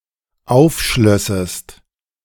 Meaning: second-person singular dependent subjunctive II of aufschließen
- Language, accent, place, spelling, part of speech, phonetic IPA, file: German, Germany, Berlin, aufschlössest, verb, [ˈaʊ̯fˌʃlœsəst], De-aufschlössest.ogg